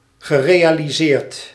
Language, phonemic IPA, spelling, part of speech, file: Dutch, /ɣəˈrejaliˌsert/, gerealiseerd, verb / adjective, Nl-gerealiseerd.ogg
- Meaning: past participle of realiseren